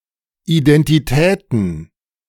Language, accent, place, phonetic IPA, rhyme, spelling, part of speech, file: German, Germany, Berlin, [iˌdɛntiˈtɛːtn̩], -ɛːtn̩, Identitäten, noun, De-Identitäten.ogg
- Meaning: plural of Identität